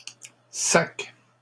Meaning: plural of sac
- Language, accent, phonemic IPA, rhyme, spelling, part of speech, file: French, Canada, /sak/, -ak, sacs, noun, LL-Q150 (fra)-sacs.wav